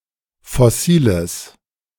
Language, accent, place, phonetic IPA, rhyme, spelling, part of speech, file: German, Germany, Berlin, [fɔˈsiːləs], -iːləs, fossiles, adjective, De-fossiles.ogg
- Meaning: strong/mixed nominative/accusative neuter singular of fossil